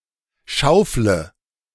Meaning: inflection of schaufeln: 1. first-person singular present 2. singular imperative 3. first/third-person singular subjunctive I
- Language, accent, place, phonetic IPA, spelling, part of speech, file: German, Germany, Berlin, [ˈʃaʊ̯flə], schaufle, verb, De-schaufle.ogg